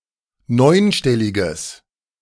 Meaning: strong/mixed nominative/accusative neuter singular of neunstellig
- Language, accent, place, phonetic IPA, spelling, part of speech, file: German, Germany, Berlin, [ˈnɔɪ̯nˌʃtɛlɪɡəs], neunstelliges, adjective, De-neunstelliges.ogg